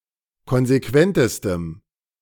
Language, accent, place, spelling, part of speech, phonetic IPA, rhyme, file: German, Germany, Berlin, konsequentestem, adjective, [ˌkɔnzeˈkvɛntəstəm], -ɛntəstəm, De-konsequentestem.ogg
- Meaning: strong dative masculine/neuter singular superlative degree of konsequent